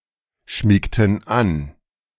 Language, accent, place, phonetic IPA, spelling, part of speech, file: German, Germany, Berlin, [ˌʃmiːktn̩ ˈan], schmiegten an, verb, De-schmiegten an.ogg
- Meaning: inflection of anschmiegen: 1. first/third-person plural preterite 2. first/third-person plural subjunctive II